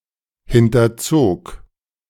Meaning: first/third-person singular preterite of hinterziehen
- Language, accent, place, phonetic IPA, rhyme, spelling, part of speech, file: German, Germany, Berlin, [ˌhɪntɐˈt͡soːk], -oːk, hinterzog, verb, De-hinterzog.ogg